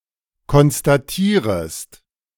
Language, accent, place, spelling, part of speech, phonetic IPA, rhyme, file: German, Germany, Berlin, konstatierest, verb, [kɔnstaˈtiːʁəst], -iːʁəst, De-konstatierest.ogg
- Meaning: second-person singular subjunctive I of konstatieren